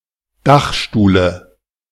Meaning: dative singular of Dachstuhl
- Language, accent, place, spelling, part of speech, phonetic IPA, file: German, Germany, Berlin, Dachstuhle, noun, [ˈdaxʃtuːlə], De-Dachstuhle.ogg